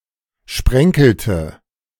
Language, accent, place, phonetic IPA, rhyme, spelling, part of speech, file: German, Germany, Berlin, [ˈʃpʁɛŋkl̩tə], -ɛŋkl̩tə, sprenkelte, verb, De-sprenkelte.ogg
- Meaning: inflection of sprenkeln: 1. first/third-person singular preterite 2. first/third-person singular subjunctive II